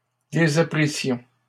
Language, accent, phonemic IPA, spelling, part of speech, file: French, Canada, /de.za.pʁi.sjɔ̃/, désapprissions, verb, LL-Q150 (fra)-désapprissions.wav
- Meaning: first-person plural imperfect subjunctive of désapprendre